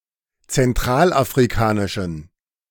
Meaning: inflection of zentralafrikanisch: 1. strong genitive masculine/neuter singular 2. weak/mixed genitive/dative all-gender singular 3. strong/weak/mixed accusative masculine singular
- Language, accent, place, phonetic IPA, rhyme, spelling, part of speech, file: German, Germany, Berlin, [t͡sɛnˌtʁaːlʔafʁiˈkaːnɪʃn̩], -aːnɪʃn̩, zentralafrikanischen, adjective, De-zentralafrikanischen.ogg